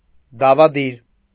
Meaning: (adjective) conspiring; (noun) conspirator
- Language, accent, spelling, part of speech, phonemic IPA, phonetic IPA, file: Armenian, Eastern Armenian, դավադիր, adjective / noun, /dɑvɑˈdiɾ/, [dɑvɑdíɾ], Hy-դավադիր.ogg